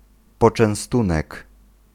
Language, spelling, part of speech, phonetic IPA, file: Polish, poczęstunek, noun, [ˌpɔt͡ʃɛ̃w̃ˈstũnɛk], Pl-poczęstunek.ogg